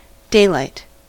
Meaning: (noun) 1. The natural light that is ambient in daytime, being mostly sunlight (both direct and indirect, on either sunny days or cloudy days) 2. A light source that simulates daylight
- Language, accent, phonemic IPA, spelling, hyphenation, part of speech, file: English, General American, /ˈdeɪˌlaɪt/, daylight, day‧light, noun / verb, En-us-daylight.ogg